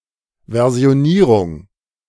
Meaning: versioning
- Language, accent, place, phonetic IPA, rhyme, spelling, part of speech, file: German, Germany, Berlin, [ˌvɛʁzi̯oˈniːʁʊŋ], -iːʁʊŋ, Versionierung, noun, De-Versionierung.ogg